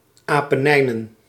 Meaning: Apennines
- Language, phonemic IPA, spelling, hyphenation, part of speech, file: Dutch, /ˌaː.pəˈnɛi̯.nə(n)/, Apennijnen, Apen‧nij‧nen, proper noun, Nl-Apennijnen.ogg